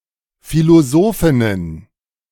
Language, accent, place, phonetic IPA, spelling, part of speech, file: German, Germany, Berlin, [ˌfiloˈzoːfɪnən], Philosophinnen, noun, De-Philosophinnen.ogg
- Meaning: plural of Philosophin